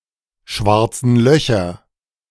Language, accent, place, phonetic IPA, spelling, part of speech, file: German, Germany, Berlin, [ˌʃvaʁt͡sn̩ ˈlœçɐ], schwarzen Löcher, noun, De-schwarzen Löcher.ogg
- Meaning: plural of schwarzes Loch